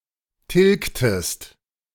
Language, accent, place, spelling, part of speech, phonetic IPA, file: German, Germany, Berlin, tilgtest, verb, [ˈtɪlktəst], De-tilgtest.ogg
- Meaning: inflection of tilgen: 1. second-person singular preterite 2. second-person singular subjunctive II